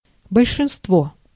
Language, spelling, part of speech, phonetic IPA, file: Russian, большинство, noun, [bəlʲʂɨnstˈvo], Ru-большинство.ogg
- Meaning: majority, most